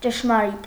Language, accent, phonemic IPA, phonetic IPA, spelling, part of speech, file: Armenian, Eastern Armenian, /t͡ʃəʃmɑˈɾit/, [t͡ʃəʃmɑɾít], ճշմարիտ, adjective / adverb, Hy-ճշմարիտ.ogg
- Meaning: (adjective) true, real, right; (adverb) truly, indeed, really